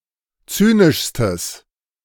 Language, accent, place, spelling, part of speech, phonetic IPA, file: German, Germany, Berlin, zynischstes, adjective, [ˈt͡syːnɪʃstəs], De-zynischstes.ogg
- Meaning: strong/mixed nominative/accusative neuter singular superlative degree of zynisch